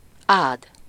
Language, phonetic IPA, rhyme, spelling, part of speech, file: Hungarian, [ˈaːd], -aːd, ád, verb, Hu-ád.ogg
- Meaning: alternative form of ad (“to give”)